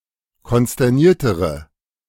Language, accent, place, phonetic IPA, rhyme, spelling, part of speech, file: German, Germany, Berlin, [kɔnstɛʁˈniːɐ̯təʁə], -iːɐ̯təʁə, konsterniertere, adjective, De-konsterniertere.ogg
- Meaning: inflection of konsterniert: 1. strong/mixed nominative/accusative feminine singular comparative degree 2. strong nominative/accusative plural comparative degree